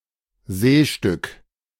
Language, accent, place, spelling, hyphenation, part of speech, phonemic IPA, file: German, Germany, Berlin, Seestück, See‧stück, noun, /ˈzeːʃtʏk/, De-Seestück.ogg
- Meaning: seascape, seapiece (piece of art that depicts the sea or shoreline)